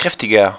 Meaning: 1. comparative degree of kräftig 2. inflection of kräftig: strong/mixed nominative masculine singular 3. inflection of kräftig: strong genitive/dative feminine singular
- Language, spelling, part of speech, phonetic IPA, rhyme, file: German, kräftiger, adjective, [ˈkʁɛftɪɡɐ], -ɛftɪɡɐ, De-kräftiger.ogg